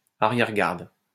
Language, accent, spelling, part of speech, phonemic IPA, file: French, France, arrière-garde, noun, /a.ʁjɛʁ.ɡaʁd/, LL-Q150 (fra)-arrière-garde.wav
- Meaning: rearguard